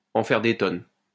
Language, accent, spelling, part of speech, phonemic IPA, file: French, France, en faire des tonnes, verb, /ɑ̃ fɛʁ de tɔn/, LL-Q150 (fra)-en faire des tonnes.wav
- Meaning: to overdo it, to go over the top, to go overboard, to blow things out of proportion